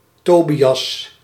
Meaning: 1. Tobias (Biblical character) 2. a male given name from Hebrew
- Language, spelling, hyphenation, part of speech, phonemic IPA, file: Dutch, Tobias, To‧bi‧as, proper noun, /ˈtoː.bi.ɑs/, Nl-Tobias.ogg